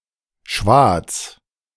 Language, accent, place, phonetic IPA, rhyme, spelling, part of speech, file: German, Germany, Berlin, [ʃvaːt͡s], -aːt͡s, Schwaz, proper noun, De-Schwaz.ogg
- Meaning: a city in Tyrol, Austria